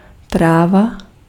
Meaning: 1. grass (plant of the family Poaceae) 2. weed (marijuana)
- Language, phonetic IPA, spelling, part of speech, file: Czech, [ˈtraːva], tráva, noun, Cs-tráva.ogg